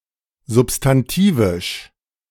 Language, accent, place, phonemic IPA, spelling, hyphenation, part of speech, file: German, Germany, Berlin, /zʊpstanˈtiːvɪʃ/, substantivisch, sub‧s‧tan‧ti‧visch, adjective, De-substantivisch.ogg
- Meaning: substantive, nominal